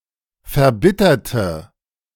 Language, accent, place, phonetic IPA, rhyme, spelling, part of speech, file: German, Germany, Berlin, [fɛɐ̯ˈbɪtɐtə], -ɪtɐtə, verbitterte, adjective, De-verbitterte.ogg
- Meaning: inflection of verbittern: 1. first/third-person singular preterite 2. first/third-person singular subjunctive II